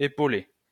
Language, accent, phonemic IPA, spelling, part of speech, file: French, France, /e.po.le/, épaulée, verb, LL-Q150 (fra)-épaulée.wav
- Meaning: feminine singular of épaulé